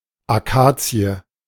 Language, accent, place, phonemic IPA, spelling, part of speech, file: German, Germany, Berlin, /aˈkaː.t͡siə/, Akazie, noun, De-Akazie.ogg
- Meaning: acacia (tree)